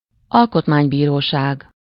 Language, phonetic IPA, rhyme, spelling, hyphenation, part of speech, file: Hungarian, [ˈɒlkotmaːɲbiːroːʃaːɡ], -aːɡ, alkotmánybíróság, al‧kot‧mány‧bí‧ró‧ság, noun, Hu-alkotmánybíróság.ogg
- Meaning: constitutional court